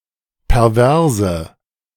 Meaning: inflection of pervers: 1. strong/mixed nominative/accusative feminine singular 2. strong nominative/accusative plural 3. weak nominative all-gender singular 4. weak accusative feminine/neuter singular
- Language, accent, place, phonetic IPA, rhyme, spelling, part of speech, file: German, Germany, Berlin, [pɛʁˈvɛʁzə], -ɛʁzə, perverse, adjective, De-perverse.ogg